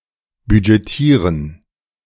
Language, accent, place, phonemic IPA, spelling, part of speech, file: German, Germany, Berlin, /bydʒeˈtiːrən/, budgetieren, verb, De-budgetieren.ogg
- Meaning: 1. to budget (create a budget for a city, business, etc.) 2. to budget (provide funds for a budget)